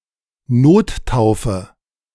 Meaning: emergency baptism
- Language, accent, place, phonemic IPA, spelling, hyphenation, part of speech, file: German, Germany, Berlin, /ˈnoːtˌtaʊ̯fə/, Nottaufe, Not‧tau‧fe, noun, De-Nottaufe.ogg